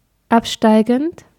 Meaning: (verb) present participle of absteigen; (adjective) downward, descending
- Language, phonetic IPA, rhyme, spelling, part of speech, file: German, [ˈapˌʃtaɪ̯ɡn̩t], -apʃtaɪ̯ɡn̩t, absteigend, verb, De-absteigend.ogg